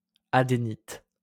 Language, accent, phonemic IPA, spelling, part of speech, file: French, France, /a.de.nit/, adénite, noun, LL-Q150 (fra)-adénite.wav
- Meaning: adenitis